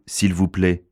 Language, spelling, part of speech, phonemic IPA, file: French, s'il vous plait, phrase, /s‿il vu plɛ/, Fr-s'il vous plait.ogg
- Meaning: post-1990 spelling of s'il vous plaît